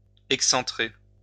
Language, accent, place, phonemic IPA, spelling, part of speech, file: French, France, Lyon, /ɛk.sɑ̃.tʁe/, excentrer, verb, LL-Q150 (fra)-excentrer.wav
- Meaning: to offset